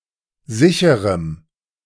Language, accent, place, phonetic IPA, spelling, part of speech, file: German, Germany, Berlin, [ˈzɪçəʁəm], sicherem, adjective, De-sicherem.ogg
- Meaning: strong dative masculine/neuter singular of sicher